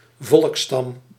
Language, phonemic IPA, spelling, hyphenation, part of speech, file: Dutch, /ˈvɔlk.stɑm/, volksstam, volks‧stam, noun, Nl-volksstam.ogg
- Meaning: a tribe, a clan